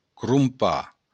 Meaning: to buy; to purchase
- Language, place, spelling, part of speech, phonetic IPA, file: Occitan, Béarn, crompar, verb, [krumˈpa], LL-Q14185 (oci)-crompar.wav